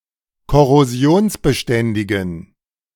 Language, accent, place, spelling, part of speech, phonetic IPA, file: German, Germany, Berlin, korrosionsbeständigen, adjective, [kɔʁoˈzi̯oːnsbəˌʃtɛndɪɡn̩], De-korrosionsbeständigen.ogg
- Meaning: inflection of korrosionsbeständig: 1. strong genitive masculine/neuter singular 2. weak/mixed genitive/dative all-gender singular 3. strong/weak/mixed accusative masculine singular